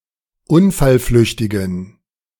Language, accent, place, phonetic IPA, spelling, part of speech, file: German, Germany, Berlin, [ˈʊnfalˌflʏçtɪɡn̩], unfallflüchtigen, adjective, De-unfallflüchtigen.ogg
- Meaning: inflection of unfallflüchtig: 1. strong genitive masculine/neuter singular 2. weak/mixed genitive/dative all-gender singular 3. strong/weak/mixed accusative masculine singular 4. strong dative plural